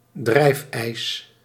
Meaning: floating ice, drift ice
- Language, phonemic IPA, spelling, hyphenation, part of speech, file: Dutch, /ˈdrɛi̯f.ɛi̯s/, drijfijs, drijf‧ijs, noun, Nl-drijfijs.ogg